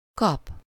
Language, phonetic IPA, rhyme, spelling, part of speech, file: Hungarian, [ˈkɒp], -ɒp, kap, verb, Hu-kap.ogg
- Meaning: 1. to get, to receive (from someone: -tól/-től; as something: -ul/-ül) 2. to snatch, to grab (expressing a sudden movement) (with -hoz/-hez/-höz, -ba/-be, felé, or után) 3. to find